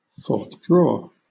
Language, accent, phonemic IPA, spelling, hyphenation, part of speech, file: English, Southern England, /fɔːθˈdɹɔː/, forthdraw, forth‧draw, verb, LL-Q1860 (eng)-forthdraw.wav
- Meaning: To draw or bring forth